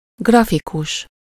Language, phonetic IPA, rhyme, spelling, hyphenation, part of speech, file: Hungarian, [ˈɡrɒfikuʃ], -uʃ, grafikus, gra‧fi‧kus, adjective / noun, Hu-grafikus.ogg
- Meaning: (adjective) graphic, graphical; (noun) graphic artist (person skilled in printmaking, drawing and other graphic techniques)